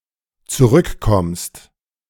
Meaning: second-person singular dependent present of zurückkommen
- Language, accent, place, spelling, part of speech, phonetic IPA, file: German, Germany, Berlin, zurückkommst, verb, [t͡suˈʁʏkˌkɔmst], De-zurückkommst.ogg